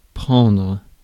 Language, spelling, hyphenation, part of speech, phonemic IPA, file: French, prendre, prendre, verb, /pʁɑ̃.dʁə/, Fr-prendre.ogg
- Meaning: 1. to take 2. to eat; to drink 3. to get; to buy 4. to rob; to deprive 5. to make 6. to catch, to work, to start 7. to get (something) caught (in), to jam